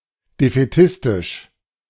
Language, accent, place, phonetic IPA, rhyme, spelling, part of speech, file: German, Germany, Berlin, [defɛˈtɪstɪʃ], -ɪstɪʃ, defätistisch, adjective, De-defätistisch.ogg
- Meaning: defeatist